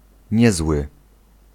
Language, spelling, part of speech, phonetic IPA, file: Polish, niezły, adjective, [ˈɲɛzwɨ], Pl-niezły.ogg